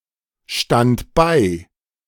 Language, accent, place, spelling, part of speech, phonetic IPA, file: German, Germany, Berlin, stand bei, verb, [ˌʃtant ˈbaɪ̯], De-stand bei.ogg
- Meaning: first/third-person singular preterite of beistehen